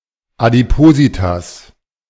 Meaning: obesity, adiposity
- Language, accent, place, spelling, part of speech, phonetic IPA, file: German, Germany, Berlin, Adipositas, noun, [adiˈpoːzitas], De-Adipositas.ogg